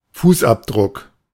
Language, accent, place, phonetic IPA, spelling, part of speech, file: German, Germany, Berlin, [ˈfuːsˌʔapdʁʊk], Fußabdruck, noun, De-Fußabdruck.ogg
- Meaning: footprint